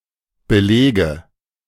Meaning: nominative/accusative/genitive plural of Belag
- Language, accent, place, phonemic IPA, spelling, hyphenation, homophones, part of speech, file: German, Germany, Berlin, /bəˈlɛːɡə/, Beläge, Be‧lä‧ge, belege, noun, De-Beläge.ogg